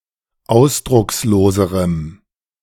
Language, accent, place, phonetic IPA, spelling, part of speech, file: German, Germany, Berlin, [ˈaʊ̯sdʁʊksloːzəʁəm], ausdrucksloserem, adjective, De-ausdrucksloserem.ogg
- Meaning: strong dative masculine/neuter singular comparative degree of ausdruckslos